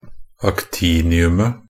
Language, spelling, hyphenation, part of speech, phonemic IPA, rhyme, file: Norwegian Bokmål, actiniumet, ac‧ti‧ni‧um‧et, noun, /akˈtiːnɪʉmə/, -ʉmə, Nb-actiniumet.ogg
- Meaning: definite singular of actinium